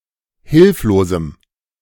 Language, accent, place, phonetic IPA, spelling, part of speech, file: German, Germany, Berlin, [ˈhɪlfloːzm̩], hilflosem, adjective, De-hilflosem.ogg
- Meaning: strong dative masculine/neuter singular of hilflos